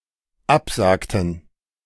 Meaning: inflection of absagen: 1. first/third-person plural dependent preterite 2. first/third-person plural dependent subjunctive II
- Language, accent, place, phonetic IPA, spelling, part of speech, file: German, Germany, Berlin, [ˈapˌzaːktn̩], absagten, verb, De-absagten.ogg